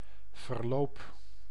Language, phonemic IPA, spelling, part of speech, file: Dutch, /vərˈloːp/, verloop, noun / verb, Nl-verloop.ogg
- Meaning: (noun) 1. course (development) 2. process 3. gradual narrowing; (verb) inflection of verlopen: 1. first-person singular present indicative 2. second-person singular present indicative 3. imperative